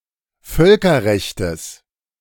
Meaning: genitive singular of Völkerrecht
- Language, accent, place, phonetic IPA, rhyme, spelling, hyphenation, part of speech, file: German, Germany, Berlin, [ˈfœlkɐˌʁɛçtəs], -ɛçtəs, Völkerrechtes, Völ‧ker‧rech‧tes, noun, De-Völkerrechtes.ogg